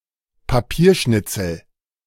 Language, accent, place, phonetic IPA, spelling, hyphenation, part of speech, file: German, Germany, Berlin, [paˈpiːɐ̯ˌʃnɪt͡sl̩], Papierschnitzel, Pa‧pier‧schnit‧zel, noun, De-Papierschnitzel.ogg
- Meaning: scrap of paper